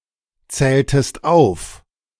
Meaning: inflection of aufzählen: 1. second-person singular preterite 2. second-person singular subjunctive II
- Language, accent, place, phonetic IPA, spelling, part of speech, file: German, Germany, Berlin, [ˌt͡sɛːltəst ˈaʊ̯f], zähltest auf, verb, De-zähltest auf.ogg